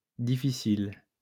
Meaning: plural of difficile
- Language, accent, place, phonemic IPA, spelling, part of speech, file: French, France, Lyon, /di.fi.sil/, difficiles, adjective, LL-Q150 (fra)-difficiles.wav